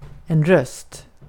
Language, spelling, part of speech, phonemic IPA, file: Swedish, röst, noun, /rœst/, Sv-röst.ogg
- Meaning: 1. voice (sound uttered by the mouth, especially that uttered by human beings in speech or song) 2. vote